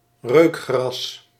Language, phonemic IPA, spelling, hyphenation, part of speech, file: Dutch, /ˈrøːk.xrɑs/, reukgras, reuk‧gras, noun, Nl-reukgras.ogg
- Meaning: 1. any of the grasses of the genus Anthoxanthum 2. sweet vernal grass (Anthoxanthum odoratum)